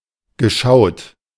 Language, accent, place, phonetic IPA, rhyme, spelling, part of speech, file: German, Germany, Berlin, [ɡəˈʃaʊ̯t], -aʊ̯t, geschaut, verb, De-geschaut.ogg
- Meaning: past participle of schauen